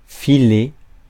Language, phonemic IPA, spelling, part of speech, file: French, /fi.le/, filer, verb, Fr-filer.ogg
- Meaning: 1. to spin (a web) 2. to thread through (a crowd) 3. to spin a thread (of syrup, or syrup-like substances) 4. to leave, to get going, to scram, to slip through 5. to pass, to hand, to give